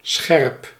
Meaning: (adjective) 1. sharp, able to cut easily 2. alert, on the ball 3. clever, intelligent, witty 4. acute, having a small angle 5. in focus, clearly visible, not blurry 6. hot, spicy
- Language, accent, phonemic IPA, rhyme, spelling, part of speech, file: Dutch, Netherlands, /sxɛrp/, -ɛrp, scherp, adjective / verb, Nl-scherp.ogg